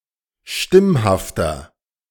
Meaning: inflection of stimmhaft: 1. strong/mixed nominative masculine singular 2. strong genitive/dative feminine singular 3. strong genitive plural
- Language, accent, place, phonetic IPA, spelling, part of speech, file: German, Germany, Berlin, [ˈʃtɪmhaftɐ], stimmhafter, adjective, De-stimmhafter.ogg